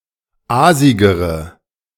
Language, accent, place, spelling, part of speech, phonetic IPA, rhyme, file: German, Germany, Berlin, aasigere, adjective, [ˈaːzɪɡəʁə], -aːzɪɡəʁə, De-aasigere.ogg
- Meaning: inflection of aasig: 1. strong/mixed nominative/accusative feminine singular comparative degree 2. strong nominative/accusative plural comparative degree